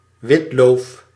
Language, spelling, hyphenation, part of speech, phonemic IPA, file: Dutch, witloof, wit‧loof, noun, /ˈʋɪt.loːf/, Nl-witloof.ogg
- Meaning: alternative form of witlof